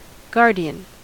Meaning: 1. Someone who guards, watches over, or protects 2. A person legally responsible for a minor (in loco parentis) 3. A person legally responsible for an incompetent person
- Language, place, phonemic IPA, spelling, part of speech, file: English, California, /ˈɡɑɹ.di.ən/, guardian, noun, En-us-guardian.ogg